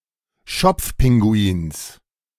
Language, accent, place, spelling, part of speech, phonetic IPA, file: German, Germany, Berlin, Schopfpinguins, noun, [ˈʃɔp͡fˌpɪŋɡuiːns], De-Schopfpinguins.ogg
- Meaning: genitive singular of Schopfpinguin